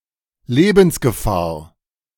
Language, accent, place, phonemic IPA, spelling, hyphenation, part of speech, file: German, Germany, Berlin, /ˈleːbn̩sɡəˌfaːɐ̯/, Lebensgefahr, Le‧bens‧ge‧fahr, noun, De-Lebensgefahr.ogg
- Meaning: danger to life